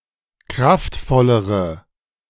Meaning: inflection of kraftvoll: 1. strong/mixed nominative/accusative feminine singular comparative degree 2. strong nominative/accusative plural comparative degree
- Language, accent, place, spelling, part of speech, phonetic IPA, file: German, Germany, Berlin, kraftvollere, adjective, [ˈkʁaftˌfɔləʁə], De-kraftvollere.ogg